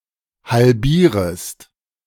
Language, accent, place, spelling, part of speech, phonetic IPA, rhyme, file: German, Germany, Berlin, halbierest, verb, [halˈbiːʁəst], -iːʁəst, De-halbierest.ogg
- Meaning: second-person singular subjunctive I of halbieren